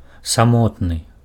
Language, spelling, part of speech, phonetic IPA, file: Belarusian, самотны, adjective, [saˈmotnɨ], Be-самотны.ogg
- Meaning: lonely, alone